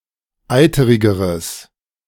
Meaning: strong/mixed nominative/accusative neuter singular comparative degree of eiterig
- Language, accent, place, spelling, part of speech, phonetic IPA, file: German, Germany, Berlin, eiterigeres, adjective, [ˈaɪ̯təʁɪɡəʁəs], De-eiterigeres.ogg